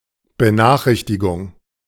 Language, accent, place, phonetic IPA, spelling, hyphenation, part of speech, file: German, Germany, Berlin, [bəˈnaːxˌʁɪçtɪɡʊŋ], Benachrichtigung, Be‧nach‧rich‧ti‧gung, noun, De-Benachrichtigung.ogg
- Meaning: notification